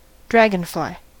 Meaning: An insect of the suborder Epiprocta or, more strictly, the infraorder Anisoptera, having four long transparent wings held perpendicular to a long body when perched
- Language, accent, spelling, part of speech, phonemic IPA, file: English, US, dragonfly, noun, /ˈdɹæɡənˌflaɪ/, En-us-dragonfly.ogg